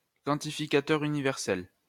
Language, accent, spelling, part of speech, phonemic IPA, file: French, France, quantificateur universel, noun, /kɑ̃.ti.fi.ka.tœʁ y.ni.vɛʁ.sɛl/, LL-Q150 (fra)-quantificateur universel.wav
- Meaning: universal quantifier